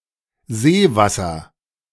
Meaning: 1. lake water 2. seawater
- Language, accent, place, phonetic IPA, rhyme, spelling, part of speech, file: German, Germany, Berlin, [ˈzeːˌvasɐ], -eːvasɐ, Seewasser, noun, De-Seewasser.ogg